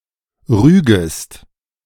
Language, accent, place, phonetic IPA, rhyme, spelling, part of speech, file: German, Germany, Berlin, [ˈʁyːɡəst], -yːɡəst, rügest, verb, De-rügest.ogg
- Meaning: second-person singular subjunctive I of rügen